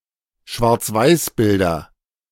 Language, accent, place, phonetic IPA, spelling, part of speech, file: German, Germany, Berlin, [ʃvaʁt͡sˈvaɪ̯sˌbɪldɐ], Schwarzweißbilder, noun, De-Schwarzweißbilder.ogg
- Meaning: nominative/accusative/genitive plural of Schwarzweißbild